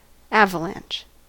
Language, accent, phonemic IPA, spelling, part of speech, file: English, US, /ˈævəlæn(t)ʃ/, avalanche, noun / verb, En-us-avalanche.ogg
- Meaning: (noun) 1. A large mass or body of snow and ice sliding swiftly down a mountain side, or falling down a precipice 2. A fall of earth, rocks, etc., similar to that of an avalanche of snow or ice